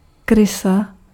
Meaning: 1. rat 2. unprincipled person
- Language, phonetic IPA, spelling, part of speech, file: Czech, [ˈkrɪsa], krysa, noun, Cs-krysa.ogg